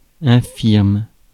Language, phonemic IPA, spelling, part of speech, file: French, /ɛ̃.fiʁm/, infirme, adjective / noun / verb, Fr-infirme.ogg
- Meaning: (adjective) disabled, handicapped; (noun) a disabled person, invalid; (verb) inflection of infirmer: 1. first/third-person singular present indicative/subjunctive 2. second-person singular imperative